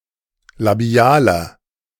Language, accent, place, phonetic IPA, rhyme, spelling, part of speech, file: German, Germany, Berlin, [laˈbi̯aːlɐ], -aːlɐ, labialer, adjective, De-labialer.ogg
- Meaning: inflection of labial: 1. strong/mixed nominative masculine singular 2. strong genitive/dative feminine singular 3. strong genitive plural